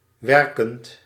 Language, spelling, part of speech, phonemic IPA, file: Dutch, werkend, verb / adjective, /ʋɛrkənt/, Nl-werkend.ogg
- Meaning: present participle of werken